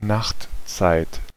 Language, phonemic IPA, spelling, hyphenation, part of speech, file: German, /ˈnaxtˌt͡saɪ̯t/, Nachtzeit, Nacht‧zeit, noun, De-Nachtzeit.ogg
- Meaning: nighttime